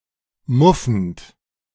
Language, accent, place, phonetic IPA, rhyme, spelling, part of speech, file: German, Germany, Berlin, [ˈmʊfn̩t], -ʊfn̩t, muffend, verb, De-muffend.ogg
- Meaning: present participle of muffen